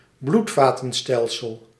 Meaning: circulatory system
- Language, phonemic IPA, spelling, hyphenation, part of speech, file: Dutch, /ˈblut.faː.tə(n)ˌstɛl.səl/, bloedvatenstelsel, bloed‧va‧ten‧stel‧sel, noun, Nl-bloedvatenstelsel.ogg